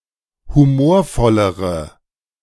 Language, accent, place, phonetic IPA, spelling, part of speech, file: German, Germany, Berlin, [huˈmoːɐ̯ˌfɔləʁə], humorvollere, adjective, De-humorvollere.ogg
- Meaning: inflection of humorvoll: 1. strong/mixed nominative/accusative feminine singular comparative degree 2. strong nominative/accusative plural comparative degree